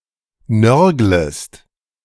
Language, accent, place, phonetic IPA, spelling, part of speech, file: German, Germany, Berlin, [ˈnœʁɡləst], nörglest, verb, De-nörglest.ogg
- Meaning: second-person singular subjunctive I of nörgeln